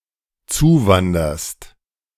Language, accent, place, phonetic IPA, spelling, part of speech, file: German, Germany, Berlin, [ˈt͡suːˌvandɐst], zuwanderst, verb, De-zuwanderst.ogg
- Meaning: second-person singular dependent present of zuwandern